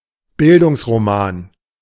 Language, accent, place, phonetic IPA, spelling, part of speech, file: German, Germany, Berlin, [ˈbɪldʊŋsʁoˌmaːn], Bildungsroman, noun, De-Bildungsroman.ogg
- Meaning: a bildungsroman (a novel of personal maturation)